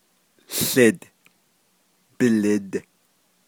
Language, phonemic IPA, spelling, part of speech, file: Navajo, /ɬɪ̀t/, łid, noun, Nv-łid.ogg
- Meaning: 1. smoke 2. exhaust (of a car)